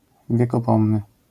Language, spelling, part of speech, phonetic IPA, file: Polish, wiekopomny, adjective, [ˌvʲjɛkɔˈpɔ̃mnɨ], LL-Q809 (pol)-wiekopomny.wav